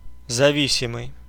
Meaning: 1. dependent 2. subordinate 3. addicted (being dependent on something)
- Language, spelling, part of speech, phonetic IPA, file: Russian, зависимый, adjective, [zɐˈvʲisʲɪmɨj], Ru-зависимый.ogg